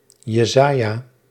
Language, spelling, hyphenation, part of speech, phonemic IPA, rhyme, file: Dutch, Jesaja, Je‧sa‧ja, proper noun, /jəˈzaː.jaː/, -aːjaː, Nl-Jesaja.ogg
- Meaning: 1. Isaiah (Israelite prophet, Biblical figure) 2. Isaiah (book of the Hebrew Bible)